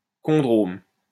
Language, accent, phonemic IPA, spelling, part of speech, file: French, France, /kɔ̃.dʁom/, chondrome, noun, LL-Q150 (fra)-chondrome.wav
- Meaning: chondroma